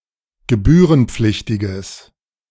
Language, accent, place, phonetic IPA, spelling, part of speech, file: German, Germany, Berlin, [ɡəˈbyːʁənˌp͡flɪçtɪɡəs], gebührenpflichtiges, adjective, De-gebührenpflichtiges.ogg
- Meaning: strong/mixed nominative/accusative neuter singular of gebührenpflichtig